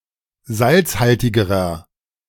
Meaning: inflection of salzhaltig: 1. strong/mixed nominative masculine singular comparative degree 2. strong genitive/dative feminine singular comparative degree 3. strong genitive plural comparative degree
- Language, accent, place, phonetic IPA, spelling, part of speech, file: German, Germany, Berlin, [ˈzalt͡sˌhaltɪɡəʁɐ], salzhaltigerer, adjective, De-salzhaltigerer.ogg